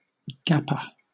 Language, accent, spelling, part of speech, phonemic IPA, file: English, Southern England, gapper, noun, /ˈɡæpə(ɹ)/, LL-Q1860 (eng)-gapper.wav
- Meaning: 1. A ball hit through the regions between the outfielders 2. Someone who is on or has done a gap year, or a break from study